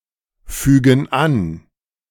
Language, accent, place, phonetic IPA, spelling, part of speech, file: German, Germany, Berlin, [ˌfyːɡn̩ ˈan], fügen an, verb, De-fügen an.ogg
- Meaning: inflection of anfügen: 1. first/third-person plural present 2. first/third-person plural subjunctive I